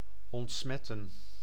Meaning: to disinfect
- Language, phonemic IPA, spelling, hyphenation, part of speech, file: Dutch, /ɔntˈsmɛtə(n)/, ontsmetten, ont‧smet‧ten, verb, Nl-ontsmetten.ogg